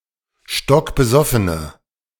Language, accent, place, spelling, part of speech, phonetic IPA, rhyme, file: German, Germany, Berlin, stockbesoffene, adjective, [ˌʃtɔkbəˈzɔfənə], -ɔfənə, De-stockbesoffene.ogg
- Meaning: inflection of stockbesoffen: 1. strong/mixed nominative/accusative feminine singular 2. strong nominative/accusative plural 3. weak nominative all-gender singular